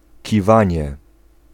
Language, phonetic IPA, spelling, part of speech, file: Polish, [ciˈvãɲɛ], kiwanie, noun, Pl-kiwanie.ogg